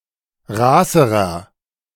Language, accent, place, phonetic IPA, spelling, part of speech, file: German, Germany, Berlin, [ˈʁaːsəʁɐ], raßerer, adjective, De-raßerer.ogg
- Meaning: inflection of raß: 1. strong/mixed nominative masculine singular comparative degree 2. strong genitive/dative feminine singular comparative degree 3. strong genitive plural comparative degree